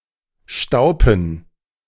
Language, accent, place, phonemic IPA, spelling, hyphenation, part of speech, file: German, Germany, Berlin, /ˈʃtaʊ̯pən/, Staupen, Stau‧pen, noun, De-Staupen.ogg
- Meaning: plural of Staupe